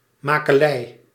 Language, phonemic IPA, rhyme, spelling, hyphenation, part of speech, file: Dutch, /ˌmaː.kəˈlɛi̯/, -ɛi̯, makelij, ma‧ke‧lij, noun, Nl-makelij.ogg
- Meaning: manufacture, production, origin, construction (origin of a processed commodity)